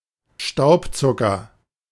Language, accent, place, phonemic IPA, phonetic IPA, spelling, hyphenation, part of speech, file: German, Germany, Berlin, /ˈʃtaʊ̯pˌtsʊkəʁ/, [ˈʃtaʊ̯pʰˌtsʊkʰɐ], Staubzucker, Staub‧zu‧cker, noun, De-Staubzucker.ogg
- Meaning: powdered sugar, icing sugar